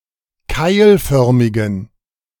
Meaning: inflection of keilförmig: 1. strong genitive masculine/neuter singular 2. weak/mixed genitive/dative all-gender singular 3. strong/weak/mixed accusative masculine singular 4. strong dative plural
- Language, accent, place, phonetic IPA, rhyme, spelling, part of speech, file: German, Germany, Berlin, [ˈkaɪ̯lˌfœʁmɪɡn̩], -aɪ̯lfœʁmɪɡn̩, keilförmigen, adjective, De-keilförmigen.ogg